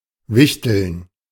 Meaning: to exchange secret Santa gifts
- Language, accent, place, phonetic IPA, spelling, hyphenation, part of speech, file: German, Germany, Berlin, [ˈvɪçtl̩n], wichteln, wich‧teln, verb, De-wichteln.ogg